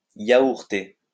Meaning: to speak or sing poorly in a foreign language, usually English, using misheard words
- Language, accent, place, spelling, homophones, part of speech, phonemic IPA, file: French, France, Lyon, yaourter, yaourtai / yaourté / yaourtée / yaourtées / yaourtés / yaourtez, verb, /ja.uʁ.te/, LL-Q150 (fra)-yaourter.wav